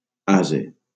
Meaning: 1. donkey 2. ass, jackass (dull person) 3. warming pan
- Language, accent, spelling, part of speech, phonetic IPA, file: Catalan, Valencia, ase, noun, [ˈa.ze], LL-Q7026 (cat)-ase.wav